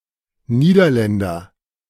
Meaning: a Dutch person, a Dutchman (male or of unspecified gender)
- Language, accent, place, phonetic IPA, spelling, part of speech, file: German, Germany, Berlin, [ˈniːdɐˌlɛndɐ], Niederländer, noun, De-Niederländer.ogg